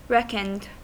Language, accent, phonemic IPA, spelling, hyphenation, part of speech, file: English, US, /ˈɹɛkənd/, reckoned, reck‧oned, verb, En-us-reckoned.ogg
- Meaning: simple past and past participle of reckon